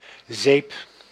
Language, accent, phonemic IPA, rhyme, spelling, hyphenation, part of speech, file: Dutch, Netherlands, /zeːp/, -eːp, zeep, zeep, noun, Nl-zeep.ogg
- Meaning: soap